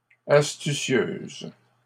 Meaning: feminine plural of astucieux
- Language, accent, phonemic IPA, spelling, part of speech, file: French, Canada, /as.ty.sjøz/, astucieuses, adjective, LL-Q150 (fra)-astucieuses.wav